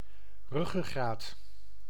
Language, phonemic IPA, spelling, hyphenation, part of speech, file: Dutch, /ˈrʏ.ɣəˌɣraːt/, ruggengraat, rug‧gen‧graat, noun, Nl-ruggengraat.ogg
- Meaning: 1. vertebral column 2. spine, backbone 3. backbone, fundamental support, core of an organization